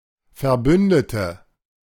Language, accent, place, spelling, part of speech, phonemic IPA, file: German, Germany, Berlin, Verbündete, noun, /fɛɐ̯ˈbʏndətə/, De-Verbündete.ogg
- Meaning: ally